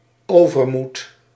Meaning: overconfidence, hubris, recklessness
- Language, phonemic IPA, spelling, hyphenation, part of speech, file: Dutch, /ˈoː.vərˌmut/, overmoed, over‧moed, noun, Nl-overmoed.ogg